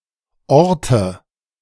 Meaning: inflection of orten: 1. first-person singular present 2. first/third-person singular subjunctive I 3. singular imperative
- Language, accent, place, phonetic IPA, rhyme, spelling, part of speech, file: German, Germany, Berlin, [ˈɔʁtə], -ɔʁtə, orte, verb, De-orte.ogg